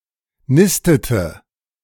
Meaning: inflection of nisten: 1. first/third-person singular preterite 2. first/third-person singular subjunctive II
- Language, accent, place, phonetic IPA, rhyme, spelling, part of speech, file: German, Germany, Berlin, [ˈnɪstətə], -ɪstətə, nistete, verb, De-nistete.ogg